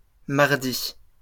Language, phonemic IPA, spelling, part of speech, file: French, /maʁ.di/, mardis, noun, LL-Q150 (fra)-mardis.wav
- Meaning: plural of mardi